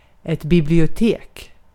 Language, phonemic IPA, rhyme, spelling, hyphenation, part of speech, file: Swedish, /bɪblɪʊˈteːk/, -eːk, bibliotek, bi‧blio‧tek, noun, Sv-bibliotek.ogg
- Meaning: library (institution which holds books, etc.)